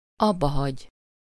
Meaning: to stop, to cease, to quit, to discontinue something
- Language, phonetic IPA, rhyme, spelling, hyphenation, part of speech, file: Hungarian, [ˈɒbːɒhɒɟ], -ɒɟ, abbahagy, ab‧ba‧hagy, verb, Hu-abbahagy.ogg